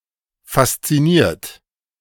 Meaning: 1. past participle of faszinieren 2. inflection of faszinieren: third-person singular present 3. inflection of faszinieren: second-person plural present 4. inflection of faszinieren: plural imperative
- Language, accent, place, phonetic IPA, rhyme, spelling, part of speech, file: German, Germany, Berlin, [fast͡siˈniːɐ̯t], -iːɐ̯t, fasziniert, verb, De-fasziniert.ogg